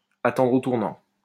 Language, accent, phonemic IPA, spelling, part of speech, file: French, France, /a.tɑ̃dʁ o tuʁ.nɑ̃/, attendre au tournant, verb, LL-Q150 (fra)-attendre au tournant.wav
- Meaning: to be ready and waiting for (someone), to wait to trip (someone) up, to wait for a chance to catch (someone) out